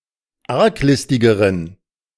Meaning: inflection of arglistig: 1. strong genitive masculine/neuter singular comparative degree 2. weak/mixed genitive/dative all-gender singular comparative degree
- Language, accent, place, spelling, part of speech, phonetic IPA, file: German, Germany, Berlin, arglistigeren, adjective, [ˈaʁkˌlɪstɪɡəʁən], De-arglistigeren.ogg